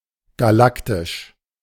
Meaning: 1. galactic (belonging or pertaining to a galaxy) 2. Used to indicate that a product or piece of media uses space opera aesthetics 3. extraordinary, incredible, humongous
- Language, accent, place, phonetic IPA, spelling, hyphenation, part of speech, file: German, Germany, Berlin, [ɡaˈlaktɪʃ], galaktisch, ga‧lak‧tisch, adjective, De-galaktisch.ogg